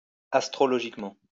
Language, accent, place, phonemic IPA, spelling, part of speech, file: French, France, Lyon, /as.tʁɔ.lɔ.ʒik.mɑ̃/, astrologiquement, adverb, LL-Q150 (fra)-astrologiquement.wav
- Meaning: astrologically